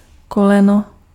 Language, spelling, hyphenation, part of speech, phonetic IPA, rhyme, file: Czech, koleno, ko‧le‧no, noun, [ˈkolɛno], -ɛno, Cs-koleno.ogg
- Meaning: 1. knee (of a human, animal, robot, puppet, etc.) 2. something similar to a knee: bend (in a river) 3. something similar to a knee: elbow (in a pipe) 4. generation